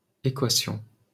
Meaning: equation (assertion that two expressions are equal, expressed by writing the two expressions separated by an equal sign)
- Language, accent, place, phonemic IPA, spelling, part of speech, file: French, France, Paris, /e.kwa.sjɔ̃/, équation, noun, LL-Q150 (fra)-équation.wav